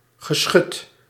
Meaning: 1. one or more guns or cannons, generally of heavy calibre 2. artillery
- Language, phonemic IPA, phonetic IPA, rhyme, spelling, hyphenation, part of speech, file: Dutch, /ɣəˈsxʏt/, [ɣəˈsxœt], -ʏt, geschut, ge‧schut, noun, Nl-geschut.ogg